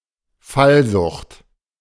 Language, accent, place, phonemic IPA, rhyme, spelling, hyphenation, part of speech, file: German, Germany, Berlin, /ˈfalˌzʊχt/, -ʊχt, Fallsucht, Fall‧sucht, noun, De-Fallsucht.ogg
- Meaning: epilepsy